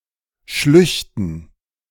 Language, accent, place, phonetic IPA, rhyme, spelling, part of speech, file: German, Germany, Berlin, [ˈʃlʏçtn̩], -ʏçtn̩, Schlüchten, noun, De-Schlüchten.ogg
- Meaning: dative plural of Schlucht